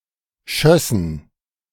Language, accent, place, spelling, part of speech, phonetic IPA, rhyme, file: German, Germany, Berlin, schössen, verb, [ˈʃœsn̩], -œsn̩, De-schössen.ogg
- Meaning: first/third-person plural subjunctive II of schießen